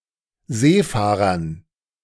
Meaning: dative plural of Seefahrer
- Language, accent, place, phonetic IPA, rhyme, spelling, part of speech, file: German, Germany, Berlin, [ˈzeːˌfaːʁɐn], -eːfaːʁɐn, Seefahrern, noun, De-Seefahrern.ogg